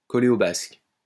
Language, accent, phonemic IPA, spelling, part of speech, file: French, France, /kɔ.le o bask/, coller aux basques, verb, LL-Q150 (fra)-coller aux basques.wav
- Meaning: to follow everywhere, to stay close to (someone) all the time, to stick to (someone) like glue, like a leech, to dog (someone's) footsteps